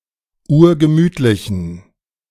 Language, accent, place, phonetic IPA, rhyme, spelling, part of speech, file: German, Germany, Berlin, [ˈuːɐ̯ɡəˈmyːtlɪçn̩], -yːtlɪçn̩, urgemütlichen, adjective, De-urgemütlichen.ogg
- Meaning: inflection of urgemütlich: 1. strong genitive masculine/neuter singular 2. weak/mixed genitive/dative all-gender singular 3. strong/weak/mixed accusative masculine singular 4. strong dative plural